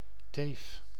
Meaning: 1. a bitch, a female dog: a female dog or other canine 2. a despicable woman; a bitch
- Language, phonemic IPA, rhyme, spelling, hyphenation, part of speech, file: Dutch, /teːf/, -eːf, teef, teef, noun, Nl-teef.ogg